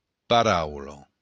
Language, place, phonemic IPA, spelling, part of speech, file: Occitan, Béarn, /paˈɾawlo/, paraula, noun, LL-Q14185 (oci)-paraula.wav
- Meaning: word